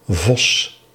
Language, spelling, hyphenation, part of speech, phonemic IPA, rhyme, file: Dutch, Vos, Vos, proper noun, /vɔs/, -ɔs, Nl-Vos.ogg
- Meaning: a surname, Vos, equivalent to English Fox